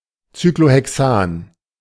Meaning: cyclohexane
- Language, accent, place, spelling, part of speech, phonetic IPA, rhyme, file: German, Germany, Berlin, Cyclohexan, noun, [ˌt͡syklohɛˈksaːn], -aːn, De-Cyclohexan.ogg